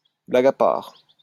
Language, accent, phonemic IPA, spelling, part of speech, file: French, France, /bla.ɡ‿a paʁ/, blague à part, adverb, LL-Q150 (fra)-blague à part.wav
- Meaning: all kidding aside, jokes aside